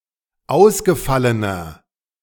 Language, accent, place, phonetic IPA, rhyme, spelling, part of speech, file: German, Germany, Berlin, [ˈaʊ̯sɡəˌfalənɐ], -aʊ̯sɡəfalənɐ, ausgefallener, adjective, De-ausgefallener.ogg
- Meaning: 1. comparative degree of ausgefallen 2. inflection of ausgefallen: strong/mixed nominative masculine singular 3. inflection of ausgefallen: strong genitive/dative feminine singular